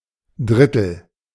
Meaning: third
- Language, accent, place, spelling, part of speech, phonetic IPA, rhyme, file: German, Germany, Berlin, Drittel, noun, [ˈdʁɪtl̩], -ɪtl̩, De-Drittel.ogg